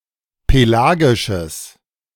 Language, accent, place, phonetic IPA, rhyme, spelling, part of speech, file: German, Germany, Berlin, [peˈlaːɡɪʃəs], -aːɡɪʃəs, pelagisches, adjective, De-pelagisches.ogg
- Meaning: strong/mixed nominative/accusative neuter singular of pelagisch